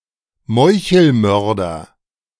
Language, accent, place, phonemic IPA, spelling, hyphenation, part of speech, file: German, Germany, Berlin, /ˈmɔɪ̯çl̩ˌmœʁdɐ/, Meuchelmörder, Meu‧chel‧mör‧der, noun, De-Meuchelmörder.ogg
- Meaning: assassin